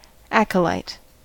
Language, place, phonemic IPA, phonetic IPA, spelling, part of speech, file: English, California, /ˈæk.ə.laɪt/, [ˈæk.ə.lɐɪt], acolyte, noun, En-us-acolyte.ogg
- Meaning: 1. One who has received the highest of the four minor orders in the Catholic Church, being ordained to carry the wine, water and lights at Mass 2. An altar server